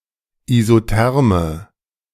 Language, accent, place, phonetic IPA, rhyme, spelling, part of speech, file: German, Germany, Berlin, [izoˈtɛʁmə], -ɛʁmə, isotherme, adjective, De-isotherme.ogg
- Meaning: inflection of isotherm: 1. strong/mixed nominative/accusative feminine singular 2. strong nominative/accusative plural 3. weak nominative all-gender singular